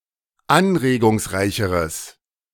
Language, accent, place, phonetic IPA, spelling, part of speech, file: German, Germany, Berlin, [ˈanʁeːɡʊŋsˌʁaɪ̯çəʁəs], anregungsreicheres, adjective, De-anregungsreicheres.ogg
- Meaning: strong/mixed nominative/accusative neuter singular comparative degree of anregungsreich